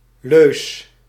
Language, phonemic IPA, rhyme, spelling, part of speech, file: Dutch, /løːs/, -øːs, leus, noun, Nl-leus.ogg
- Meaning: alternative form of leuze